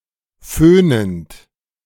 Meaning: present participle of föhnen
- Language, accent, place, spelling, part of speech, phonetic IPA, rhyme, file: German, Germany, Berlin, föhnend, verb, [ˈføːnənt], -øːnənt, De-föhnend.ogg